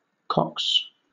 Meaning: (noun) plural of cock; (verb) third-person singular simple present indicative of cock
- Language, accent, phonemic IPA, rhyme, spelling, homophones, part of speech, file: English, Southern England, /kɒks/, -ɒks, cocks, cox, noun / verb, LL-Q1860 (eng)-cocks.wav